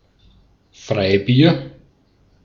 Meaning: free beer
- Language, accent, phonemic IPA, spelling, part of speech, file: German, Austria, /ˈfʁaɪ̯ˌbiːɐ̯/, Freibier, noun, De-at-Freibier.ogg